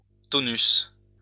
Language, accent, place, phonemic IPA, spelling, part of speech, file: French, France, Lyon, /tɔ.nys/, tonus, noun, LL-Q150 (fra)-tonus.wav
- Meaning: 1. muscle tone, tonicity, tonus 2. energy, strength